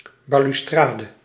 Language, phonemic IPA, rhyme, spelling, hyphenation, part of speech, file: Dutch, /ˌbaː.lyˈstraː.də/, -aːdə, balustrade, ba‧lus‧tra‧de, noun, Nl-balustrade.ogg
- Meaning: 1. balustrade 2. railing